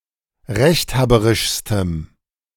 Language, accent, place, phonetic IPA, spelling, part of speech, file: German, Germany, Berlin, [ˈʁɛçtˌhaːbəʁɪʃstəm], rechthaberischstem, adjective, De-rechthaberischstem.ogg
- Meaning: strong dative masculine/neuter singular superlative degree of rechthaberisch